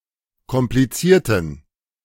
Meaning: inflection of kompliziert: 1. strong genitive masculine/neuter singular 2. weak/mixed genitive/dative all-gender singular 3. strong/weak/mixed accusative masculine singular 4. strong dative plural
- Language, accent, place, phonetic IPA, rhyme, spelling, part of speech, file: German, Germany, Berlin, [kɔmpliˈt͡siːɐ̯tn̩], -iːɐ̯tn̩, komplizierten, adjective / verb, De-komplizierten.ogg